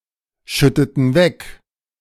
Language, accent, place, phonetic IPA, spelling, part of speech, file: German, Germany, Berlin, [ˌʃʏtətn̩ ˈvɛk], schütteten weg, verb, De-schütteten weg.ogg
- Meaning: inflection of wegschütten: 1. first/third-person plural preterite 2. first/third-person plural subjunctive II